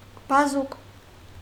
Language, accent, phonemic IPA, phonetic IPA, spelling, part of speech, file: Armenian, Eastern Armenian, /bɑˈzuk/, [bɑzúk], բազուկ, noun, Hy-բազուկ.ogg
- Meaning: 1. arm, especially the forearm 2. power, might 3. arm of a lever 4. branch, arm (of a river) 5. stalks and other arm-like parts of various plants 6. chard, beet, beetroot